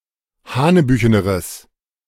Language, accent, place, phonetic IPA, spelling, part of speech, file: German, Germany, Berlin, [ˈhaːnəˌbyːçənəʁəs], hanebücheneres, adjective, De-hanebücheneres.ogg
- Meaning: strong/mixed nominative/accusative neuter singular comparative degree of hanebüchen